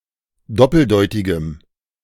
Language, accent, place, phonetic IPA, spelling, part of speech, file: German, Germany, Berlin, [ˈdɔpl̩ˌdɔɪ̯tɪɡəm], doppeldeutigem, adjective, De-doppeldeutigem.ogg
- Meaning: strong dative masculine/neuter singular of doppeldeutig